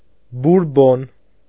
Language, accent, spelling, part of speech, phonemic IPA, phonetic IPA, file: Armenian, Eastern Armenian, բուրբոն, noun, /buɾˈbon/, [buɾbón], Hy-բուրբոն.ogg
- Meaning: bourbon